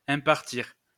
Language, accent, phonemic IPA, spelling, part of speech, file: French, France, /ɛ̃.paʁ.tiʁ/, impartir, verb, LL-Q150 (fra)-impartir.wav
- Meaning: to assign